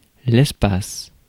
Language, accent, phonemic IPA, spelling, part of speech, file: French, France, /ɛs.pas/, espace, noun / verb, Fr-espace.ogg
- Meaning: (noun) space; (verb) inflection of espacer: 1. first/third-person singular present indicative/subjunctive 2. second-person singular imperative